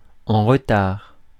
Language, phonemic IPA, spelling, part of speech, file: French, /ɑ̃ ʁ(ə).taʁ/, en retard, adjective, Fr-en retard.ogg
- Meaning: 1. late, overdue 2. backward, unsophisticated